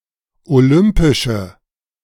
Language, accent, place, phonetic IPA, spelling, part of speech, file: German, Germany, Berlin, [oˈlʏmpɪʃə], olympische, adjective, De-olympische.ogg
- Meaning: inflection of olympisch: 1. strong/mixed nominative/accusative feminine singular 2. strong nominative/accusative plural 3. weak nominative all-gender singular